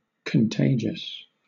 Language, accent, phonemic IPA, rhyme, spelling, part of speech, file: English, Southern England, /kənˈteɪ.d͡ʒəs/, -eɪdʒəs, contagious, adjective, LL-Q1860 (eng)-contagious.wav
- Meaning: 1. Easily transmitted to others 2. Easily passed on to others 3. Having a disease that can be transmitted to another person 4. Contiguous